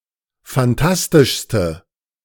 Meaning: inflection of phantastisch: 1. strong/mixed nominative/accusative feminine singular superlative degree 2. strong nominative/accusative plural superlative degree
- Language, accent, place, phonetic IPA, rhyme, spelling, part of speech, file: German, Germany, Berlin, [fanˈtastɪʃstə], -astɪʃstə, phantastischste, adjective, De-phantastischste.ogg